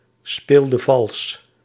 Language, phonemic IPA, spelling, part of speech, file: Dutch, /ˈspeldə ˈvɑls/, speelde vals, verb, Nl-speelde vals.ogg
- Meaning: inflection of valsspelen: 1. singular past indicative 2. singular past subjunctive